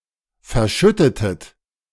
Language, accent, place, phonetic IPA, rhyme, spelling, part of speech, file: German, Germany, Berlin, [fɛɐ̯ˈʃʏtətət], -ʏtətət, verschüttetet, verb, De-verschüttetet.ogg
- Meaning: inflection of verschütten: 1. second-person plural preterite 2. second-person plural subjunctive II